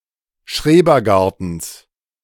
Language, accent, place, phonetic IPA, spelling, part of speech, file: German, Germany, Berlin, [ˈʃʁeːbɐˌɡaʁtn̩s], Schrebergartens, noun, De-Schrebergartens.ogg
- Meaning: genitive singular of Schrebergarten